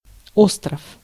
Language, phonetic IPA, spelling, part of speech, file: Russian, [ˈostrəf], остров, noun, Ru-остров.ogg
- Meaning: 1. island 2. isle